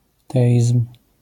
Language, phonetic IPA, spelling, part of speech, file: Polish, [ˈtɛʲism̥], teizm, noun, LL-Q809 (pol)-teizm.wav